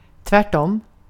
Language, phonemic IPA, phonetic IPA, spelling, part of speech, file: Swedish, /tvɛːʈˈɔm/, [tvæːʈˈɔm], tvärtom, adverb, Sv-tvärtom.ogg
- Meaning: on the contrary; in the opposite manner